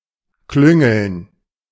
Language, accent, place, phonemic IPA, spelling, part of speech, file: German, Germany, Berlin, /ˈklʏŋəln/, klüngeln, verb, De-klüngeln.ogg
- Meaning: 1. to be slow; to delay; to dawdle 2. to chat, chatter (often in confidence, or seemingly so) 3. to engage in nepotism and corruption